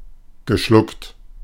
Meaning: past participle of schlucken
- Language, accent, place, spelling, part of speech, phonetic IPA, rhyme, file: German, Germany, Berlin, geschluckt, verb, [ɡəˈʃlʊkt], -ʊkt, De-geschluckt.ogg